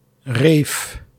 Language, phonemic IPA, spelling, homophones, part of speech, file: Dutch, /reːf/, rave, reef / reve, noun / verb, Nl-rave.ogg
- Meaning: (noun) rave (electronic dance party); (verb) inflection of raven: 1. first-person singular present indicative 2. second-person singular present indicative 3. imperative 4. singular present subjunctive